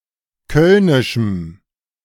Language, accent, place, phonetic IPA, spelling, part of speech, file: German, Germany, Berlin, [ˈkœlnɪʃm̩], kölnischem, adjective, De-kölnischem.ogg
- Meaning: strong dative masculine/neuter singular of kölnisch